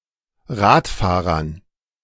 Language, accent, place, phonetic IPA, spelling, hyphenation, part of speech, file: German, Germany, Berlin, [ˈʁaːtˌfaːʁɐn], Radfahrern, Rad‧fah‧rern, noun, De-Radfahrern.ogg
- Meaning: dative plural of Radfahrer